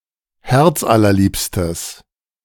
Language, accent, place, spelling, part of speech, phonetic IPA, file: German, Germany, Berlin, herzallerliebstes, adjective, [ˈhɛʁt͡sʔalɐˌliːpstəs], De-herzallerliebstes.ogg
- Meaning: strong/mixed nominative/accusative neuter singular of herzallerliebst